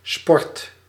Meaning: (noun) 1. a sport; (uncountable) sports 2. rung, step on a ladder; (verb) inflection of sporten: 1. first/second/third-person singular present indicative 2. imperative
- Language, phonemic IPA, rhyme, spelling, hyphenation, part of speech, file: Dutch, /spɔrt/, -ɔrt, sport, sport, noun / verb, Nl-sport.ogg